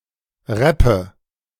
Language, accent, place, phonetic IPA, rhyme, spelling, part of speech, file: German, Germany, Berlin, [ˈʁɛpə], -ɛpə, rappe, verb, De-rappe.ogg
- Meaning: inflection of rappen: 1. first-person singular present 2. first/third-person singular subjunctive I 3. singular imperative